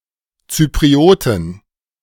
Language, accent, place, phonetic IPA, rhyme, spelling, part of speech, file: German, Germany, Berlin, [ˌt͡sypʁiˈoːtn̩], -oːtn̩, Zyprioten, noun, De-Zyprioten.ogg
- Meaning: 1. plural of Zypriot 2. genitive of Zypriot